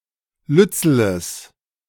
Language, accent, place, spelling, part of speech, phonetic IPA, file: German, Germany, Berlin, lützeles, adjective, [ˈlʏt͡sl̩əs], De-lützeles.ogg
- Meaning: strong/mixed nominative/accusative neuter singular of lützel